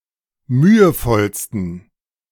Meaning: 1. superlative degree of mühevoll 2. inflection of mühevoll: strong genitive masculine/neuter singular superlative degree
- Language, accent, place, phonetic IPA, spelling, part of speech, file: German, Germany, Berlin, [ˈmyːəˌfɔlstn̩], mühevollsten, adjective, De-mühevollsten.ogg